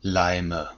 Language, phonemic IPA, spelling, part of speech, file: German, /ˈlaɪ̯mə/, Leime, noun, De-Leime.ogg
- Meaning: 1. nominative plural of Leim 2. accusative plural of Leim 3. genitive plural of Leim 4. dative singular of Leim